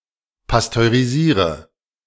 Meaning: inflection of pasteurisieren: 1. first-person singular present 2. first/third-person singular subjunctive I 3. singular imperative
- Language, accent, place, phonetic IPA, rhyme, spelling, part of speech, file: German, Germany, Berlin, [pastøʁiˈziːʁə], -iːʁə, pasteurisiere, verb, De-pasteurisiere.ogg